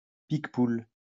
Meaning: a variety of white grape originally from the Languedoc
- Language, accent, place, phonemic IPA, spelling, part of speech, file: French, France, Lyon, /pik.pul/, picpoul, noun, LL-Q150 (fra)-picpoul.wav